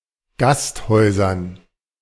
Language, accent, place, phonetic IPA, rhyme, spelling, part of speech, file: German, Germany, Berlin, [ˈɡastˌhɔɪ̯zɐn], -asthɔɪ̯zɐn, Gasthäusern, noun, De-Gasthäusern.ogg
- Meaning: dative plural of Gasthaus